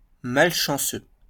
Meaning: unlucky; unfortunate
- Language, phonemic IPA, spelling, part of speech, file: French, /mal.ʃɑ̃.sø/, malchanceux, adjective, LL-Q150 (fra)-malchanceux.wav